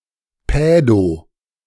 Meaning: pedo- (relating to children)
- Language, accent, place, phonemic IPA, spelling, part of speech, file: German, Germany, Berlin, /pɛ(ː)do/, pädo-, prefix, De-pädo-.ogg